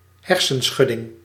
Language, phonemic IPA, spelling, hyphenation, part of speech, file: Dutch, /ˈɦɛr.sə(n)ˌsxʏ.dɪŋ/, hersenschudding, her‧sen‧schud‧ding, noun, Nl-hersenschudding.ogg
- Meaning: concussion (medical condition)